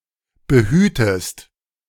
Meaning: inflection of behüten: 1. second-person singular present 2. second-person singular subjunctive I
- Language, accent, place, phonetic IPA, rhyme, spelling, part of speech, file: German, Germany, Berlin, [bəˈhyːtəst], -yːtəst, behütest, verb, De-behütest.ogg